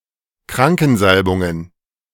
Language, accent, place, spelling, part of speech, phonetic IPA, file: German, Germany, Berlin, Krankensalbungen, noun, [ˈkʁaŋkn̩ˌzalbʊŋən], De-Krankensalbungen.ogg
- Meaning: plural of Krankensalbung